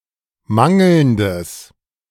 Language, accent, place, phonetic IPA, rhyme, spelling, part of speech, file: German, Germany, Berlin, [ˈmaŋl̩ndəs], -aŋl̩ndəs, mangelndes, adjective, De-mangelndes.ogg
- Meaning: strong/mixed nominative/accusative neuter singular of mangelnd